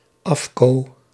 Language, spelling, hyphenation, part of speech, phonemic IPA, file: Dutch, afko, af‧ko, noun, /ˈɑf.koː/, Nl-afko.ogg
- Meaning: a clipping, contraction or abbreviation, usually one belong to a slang-like register